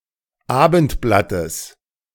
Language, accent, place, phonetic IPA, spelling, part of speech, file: German, Germany, Berlin, [ˈaːbn̩tˌblatəs], Abendblattes, noun, De-Abendblattes.ogg
- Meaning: genitive of Abendblatt